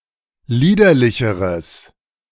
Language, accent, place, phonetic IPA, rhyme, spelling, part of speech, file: German, Germany, Berlin, [ˈliːdɐlɪçəʁəs], -iːdɐlɪçəʁəs, liederlicheres, adjective, De-liederlicheres.ogg
- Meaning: strong/mixed nominative/accusative neuter singular comparative degree of liederlich